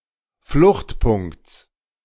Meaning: genitive singular of Fluchtpunkt
- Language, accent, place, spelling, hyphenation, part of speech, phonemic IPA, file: German, Germany, Berlin, Fluchtpunkts, Flucht‧punkts, noun, /ˈflʊxtˌpʊŋkt͡s/, De-Fluchtpunkts.ogg